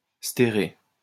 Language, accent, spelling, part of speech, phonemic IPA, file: French, France, stérer, verb, /ste.ʁe/, LL-Q150 (fra)-stérer.wav
- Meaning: to measure in cubic metres